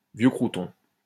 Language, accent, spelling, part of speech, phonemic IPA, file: French, France, vieux croûton, noun, /vjø kʁu.tɔ̃/, LL-Q150 (fra)-vieux croûton.wav
- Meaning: an old fart